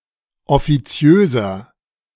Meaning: 1. comparative degree of offiziös 2. inflection of offiziös: strong/mixed nominative masculine singular 3. inflection of offiziös: strong genitive/dative feminine singular
- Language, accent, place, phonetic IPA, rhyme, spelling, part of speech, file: German, Germany, Berlin, [ɔfiˈt͡si̯øːzɐ], -øːzɐ, offiziöser, adjective, De-offiziöser.ogg